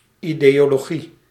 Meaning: ideology (doctrine, body of ideas)
- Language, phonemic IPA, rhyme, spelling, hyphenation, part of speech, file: Dutch, /ˌideːoːloːˈɣi/, -i, ideologie, ideo‧lo‧gie, noun, Nl-ideologie.ogg